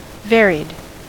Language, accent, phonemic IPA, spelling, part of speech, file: English, US, /ˈvɛɹid/, varied, verb / adjective, En-us-varied.ogg
- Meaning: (verb) simple past and past participle of vary; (adjective) 1. diverse or miscellaneous 2. having been changed or modified 3. variegated